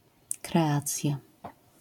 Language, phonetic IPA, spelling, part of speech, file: Polish, [krɛˈat͡sʲja], kreacja, noun, LL-Q809 (pol)-kreacja.wav